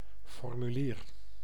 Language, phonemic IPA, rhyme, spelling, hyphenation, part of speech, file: Dutch, /ˌfɔr.myˈliːr/, -iːr, formulier, for‧mu‧lier, noun, Nl-formulier.ogg
- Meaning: a form, a formally standardized (often printed) document to fill out in order to file a specific request, declaration etc